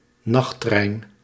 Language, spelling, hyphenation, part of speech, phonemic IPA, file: Dutch, nachttrein, nacht‧trein, noun, /ˈnɑx.trɛi̯n/, Nl-nachttrein.ogg
- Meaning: night train (train that rides during the night)